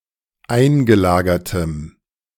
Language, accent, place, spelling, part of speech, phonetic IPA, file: German, Germany, Berlin, eingelagertem, adjective, [ˈaɪ̯nɡəˌlaːɡɐtəm], De-eingelagertem.ogg
- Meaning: strong dative masculine/neuter singular of eingelagert